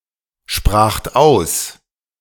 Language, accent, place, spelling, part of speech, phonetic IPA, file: German, Germany, Berlin, spracht aus, verb, [ˌʃpʁaːxt ˈaʊ̯s], De-spracht aus.ogg
- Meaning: second-person plural preterite of aussprechen